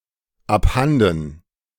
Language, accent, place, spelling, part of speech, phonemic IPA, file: German, Germany, Berlin, abhanden, adverb, /apˈhandn̩/, De-abhanden.ogg
- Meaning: gone, lost